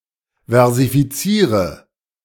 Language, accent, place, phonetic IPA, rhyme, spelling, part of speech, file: German, Germany, Berlin, [vɛʁzifiˈt͡siːʁə], -iːʁə, versifiziere, verb, De-versifiziere.ogg
- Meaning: inflection of versifizieren: 1. first-person singular present 2. first/third-person singular subjunctive I 3. singular imperative